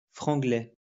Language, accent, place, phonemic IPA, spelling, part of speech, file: French, France, Lyon, /fʁɑ̃.ɡlɛ/, franglais, noun, LL-Q150 (fra)-franglais.wav
- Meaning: Franglais